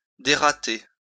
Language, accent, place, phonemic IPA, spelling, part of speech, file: French, France, Lyon, /de.ʁa.te/, dérater, verb, LL-Q150 (fra)-dérater.wav
- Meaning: to take out, to extract, the spleen